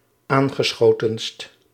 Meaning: superlative degree of aangeschoten
- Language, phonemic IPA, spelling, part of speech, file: Dutch, /ˈaŋɣəˌsxotənst/, aangeschotenst, adjective, Nl-aangeschotenst.ogg